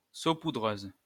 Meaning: sprinkler, caster, dredger (for salt, sugar etc)
- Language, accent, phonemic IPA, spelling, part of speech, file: French, France, /so.pu.dʁøz/, saupoudreuse, noun, LL-Q150 (fra)-saupoudreuse.wav